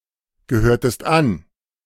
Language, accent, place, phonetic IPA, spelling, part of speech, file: German, Germany, Berlin, [ɡəˌhøːɐ̯təst ˈan], gehörtest an, verb, De-gehörtest an.ogg
- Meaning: inflection of angehören: 1. second-person singular preterite 2. second-person singular subjunctive II